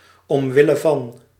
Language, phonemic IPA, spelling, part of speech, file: Dutch, /ɔmˈwɪləˌvɑn/, omwille van, preposition, Nl-omwille van.ogg
- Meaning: for the sake of, for ...'s sake